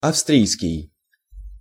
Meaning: Austrian
- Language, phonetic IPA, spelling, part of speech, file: Russian, [ɐfˈstrʲijskʲɪj], австрийский, adjective, Ru-австрийский.ogg